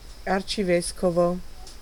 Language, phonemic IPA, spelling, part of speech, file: Italian, /art͡ʃiˈveskovo/, arcivescovo, noun, It-arcivescovo.ogg